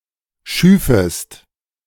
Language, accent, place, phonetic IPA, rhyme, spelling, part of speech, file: German, Germany, Berlin, [ˈʃyːfəst], -yːfəst, schüfest, verb, De-schüfest.ogg
- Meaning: second-person singular subjunctive I of schaffen